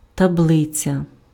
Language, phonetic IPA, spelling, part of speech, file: Ukrainian, [tɐˈbɫɪt͡sʲɐ], таблиця, noun, Uk-таблиця.ogg
- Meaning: 1. table (a grid of data arranged in rows and columns) 2. spreadsheet